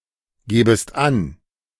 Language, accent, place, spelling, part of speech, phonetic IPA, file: German, Germany, Berlin, gebest an, verb, [ˌɡeːbəst ˈan], De-gebest an.ogg
- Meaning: second-person singular subjunctive I of angeben